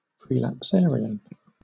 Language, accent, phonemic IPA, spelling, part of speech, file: English, Southern England, /pɹiːlapˈsɛːɹɪən/, prelapsarian, adjective, LL-Q1860 (eng)-prelapsarian.wav
- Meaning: Of, or relating to the period of innocence before the Fall of man; innocent, unspoiled